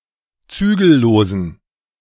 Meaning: inflection of zügellos: 1. strong genitive masculine/neuter singular 2. weak/mixed genitive/dative all-gender singular 3. strong/weak/mixed accusative masculine singular 4. strong dative plural
- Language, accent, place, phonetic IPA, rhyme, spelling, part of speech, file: German, Germany, Berlin, [ˈt͡syːɡl̩ˌloːzn̩], -yːɡl̩loːzn̩, zügellosen, adjective, De-zügellosen.ogg